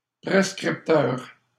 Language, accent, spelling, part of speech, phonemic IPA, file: French, Canada, prescripteur, noun, /pʁɛs.kʁip.tœʁ/, LL-Q150 (fra)-prescripteur.wav
- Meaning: prescriber (prescribing doctor)